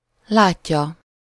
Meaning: third-person singular indicative present definite of lát
- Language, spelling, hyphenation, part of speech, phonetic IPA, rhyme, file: Hungarian, látja, lát‧ja, verb, [ˈlaːcːɒ], -cɒ, Hu-látja.ogg